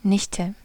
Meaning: niece
- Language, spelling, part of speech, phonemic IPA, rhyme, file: German, Nichte, noun, /ˈnɪçtə/, -ɪçtə, De-Nichte.ogg